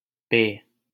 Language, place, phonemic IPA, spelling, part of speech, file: Hindi, Delhi, /peː/, पे, postposition, LL-Q1568 (hin)-पे.wav
- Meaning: 1. on top of, on 2. at